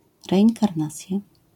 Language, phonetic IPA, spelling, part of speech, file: Polish, [ˌrɛʲĩŋkarˈnat͡sʲja], reinkarnacja, noun, LL-Q809 (pol)-reinkarnacja.wav